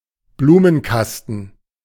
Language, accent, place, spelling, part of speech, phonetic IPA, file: German, Germany, Berlin, Blumenkasten, noun, [ˈbluːmənˌkastn̩], De-Blumenkasten.ogg
- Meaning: window box, flower box, planter box